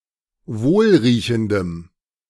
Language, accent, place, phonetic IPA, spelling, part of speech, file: German, Germany, Berlin, [ˈvoːlʁiːçn̩dəm], wohlriechendem, adjective, De-wohlriechendem.ogg
- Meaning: strong dative masculine/neuter singular of wohlriechend